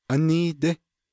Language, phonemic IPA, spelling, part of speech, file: Navajo, /ʔɑ́níːtɪ́/, áníídí, adverb, Nv-áníídí.ogg
- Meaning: recently, just recently, lately